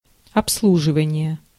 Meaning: service (customers), maintenance (machinery), hospitality (business)
- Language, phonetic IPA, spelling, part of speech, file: Russian, [ɐpsˈɫuʐɨvənʲɪje], обслуживание, noun, Ru-обслуживание.ogg